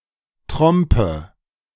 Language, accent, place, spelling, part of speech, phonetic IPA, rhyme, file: German, Germany, Berlin, Trompe, noun, [ˈtʁɔmpə], -ɔmpə, De-Trompe.ogg
- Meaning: squinch